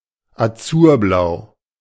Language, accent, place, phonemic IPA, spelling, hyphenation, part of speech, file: German, Germany, Berlin, /aˈt͡suːɐ̯ˌblaʊ̯/, azurblau, azur‧blau, adjective, De-azurblau.ogg
- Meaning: azure-blue (in colour)